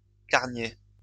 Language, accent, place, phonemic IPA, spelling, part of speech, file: French, France, Lyon, /kaʁ.nje/, carnier, noun, LL-Q150 (fra)-carnier.wav
- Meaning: a small sack used by hunters to carry game birds